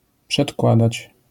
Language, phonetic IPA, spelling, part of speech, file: Polish, [pʃɛtˈkwadat͡ɕ], przedkładać, verb, LL-Q809 (pol)-przedkładać.wav